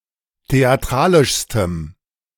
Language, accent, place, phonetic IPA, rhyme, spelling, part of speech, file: German, Germany, Berlin, [teaˈtʁaːlɪʃstəm], -aːlɪʃstəm, theatralischstem, adjective, De-theatralischstem.ogg
- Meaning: strong dative masculine/neuter singular superlative degree of theatralisch